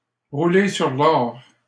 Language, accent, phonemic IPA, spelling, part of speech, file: French, Canada, /ʁu.le syʁ l‿ɔʁ/, rouler sur l'or, verb, LL-Q150 (fra)-rouler sur l'or.wav
- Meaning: to be rolling in money, to be rolling in it, to be loaded, to be minted (to be extremely well-off financially)